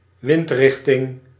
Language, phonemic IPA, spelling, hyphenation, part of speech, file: Dutch, /ˈʋɪntˌrɪx.tɪŋ/, windrichting, wind‧rich‧ting, noun, Nl-windrichting.ogg
- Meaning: 1. a wind direction, the direction from which the wind blows 2. a compass point